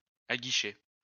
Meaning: to entice
- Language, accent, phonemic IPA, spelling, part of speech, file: French, France, /a.ɡi.ʃe/, aguicher, verb, LL-Q150 (fra)-aguicher.wav